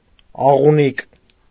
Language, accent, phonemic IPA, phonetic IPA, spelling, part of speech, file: Armenian, Eastern Armenian, /ɑʁuˈnik/, [ɑʁuník], աղունիկ, noun, Hy-աղունիկ.ogg
- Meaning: dove, pigeon